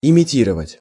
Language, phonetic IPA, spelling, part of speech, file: Russian, [ɪmʲɪˈtʲirəvətʲ], имитировать, verb, Ru-имитировать.ogg
- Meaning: 1. to mimic, to imitate 2. to simulate